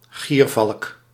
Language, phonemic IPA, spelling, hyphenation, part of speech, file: Dutch, /ˈɣiːr.vɑlk/, giervalk, gier‧valk, noun, Nl-giervalk.ogg
- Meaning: gyrfalcon (Falco rusticolus)